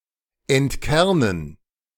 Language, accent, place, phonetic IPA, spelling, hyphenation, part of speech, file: German, Germany, Berlin, [ɛntˈkɛʁnən], entkernen, ent‧ker‧nen, verb, De-entkernen.ogg
- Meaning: 1. to decore 2. to pit (remove the seed from fruit)